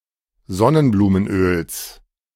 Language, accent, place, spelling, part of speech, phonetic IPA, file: German, Germany, Berlin, Sonnenblumenöls, noun, [ˈzɔnənbluːmənˌʔøːls], De-Sonnenblumenöls.ogg
- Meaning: genitive of Sonnenblumenöl